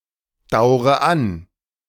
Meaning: inflection of andauern: 1. first-person singular present 2. first/third-person singular subjunctive I 3. singular imperative
- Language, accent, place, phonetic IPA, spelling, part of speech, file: German, Germany, Berlin, [ˌdaʊ̯ʁə ˈan], daure an, verb, De-daure an.ogg